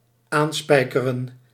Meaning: to nail fast, to fasten with nails
- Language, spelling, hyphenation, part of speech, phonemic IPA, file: Dutch, aanspijkeren, aan‧spij‧ke‧ren, verb, /ˈaːnˌspɛi̯.kə.rə(n)/, Nl-aanspijkeren.ogg